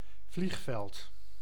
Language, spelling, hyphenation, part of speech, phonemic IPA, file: Dutch, vliegveld, vlieg‧veld, noun, /ˈvliːxfɛlt/, Nl-vliegveld.ogg
- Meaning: 1. airfield 2. airport